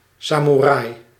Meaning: samurai
- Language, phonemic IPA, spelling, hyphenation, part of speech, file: Dutch, /ˈsɑmuˌrɑɪ/, samoerai, sa‧moe‧rai, noun, Nl-samoerai.ogg